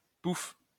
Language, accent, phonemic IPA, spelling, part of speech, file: French, France, /puf/, pouf, noun / interjection, LL-Q150 (fra)-pouf.wav
- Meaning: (noun) 1. pouffe (thick cushion) 2. a girl of bad conduct; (interjection) poof (onomatopoeia)